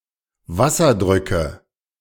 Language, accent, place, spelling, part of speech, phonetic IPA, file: German, Germany, Berlin, Wasserdrücke, noun, [ˈvasɐˌdʁʏkə], De-Wasserdrücke.ogg
- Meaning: nominative/accusative/genitive plural of Wasserdruck